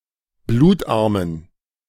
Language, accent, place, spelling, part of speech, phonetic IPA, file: German, Germany, Berlin, blutarmen, adjective, [ˈbluːtˌʔaʁmən], De-blutarmen.ogg
- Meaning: inflection of blutarm: 1. strong genitive masculine/neuter singular 2. weak/mixed genitive/dative all-gender singular 3. strong/weak/mixed accusative masculine singular 4. strong dative plural